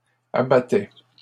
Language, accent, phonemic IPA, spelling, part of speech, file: French, Canada, /a.ba.tɛ/, abattais, verb, LL-Q150 (fra)-abattais.wav
- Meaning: first/second-person singular imperfect indicative of abattre